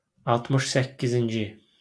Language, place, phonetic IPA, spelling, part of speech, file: Azerbaijani, Baku, [ɑltˌmɯʃ sæccizinˈd͡ʒi], altmış səkkizinci, numeral, LL-Q9292 (aze)-altmış səkkizinci.wav
- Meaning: sixty-eighth